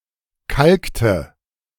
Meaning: inflection of kalken: 1. first/third-person singular preterite 2. first/third-person singular subjunctive II
- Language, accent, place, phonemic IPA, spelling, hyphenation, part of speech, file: German, Germany, Berlin, /ˈkalktə/, kalkte, kalk‧te, verb, De-kalkte.ogg